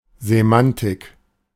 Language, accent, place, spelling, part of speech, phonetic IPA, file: German, Germany, Berlin, Semantik, noun, [zeˈmantɪk], De-Semantik.ogg
- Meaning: 1. semantics (study of the meaning of words) 2. semantics (meaning of an individual word)